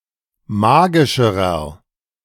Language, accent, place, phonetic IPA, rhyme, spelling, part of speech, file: German, Germany, Berlin, [ˈmaːɡɪʃəʁɐ], -aːɡɪʃəʁɐ, magischerer, adjective, De-magischerer.ogg
- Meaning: inflection of magisch: 1. strong/mixed nominative masculine singular comparative degree 2. strong genitive/dative feminine singular comparative degree 3. strong genitive plural comparative degree